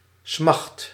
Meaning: inflection of smachten: 1. first/second/third-person singular present indicative 2. imperative
- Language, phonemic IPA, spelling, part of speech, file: Dutch, /smɑxt/, smacht, noun / verb, Nl-smacht.ogg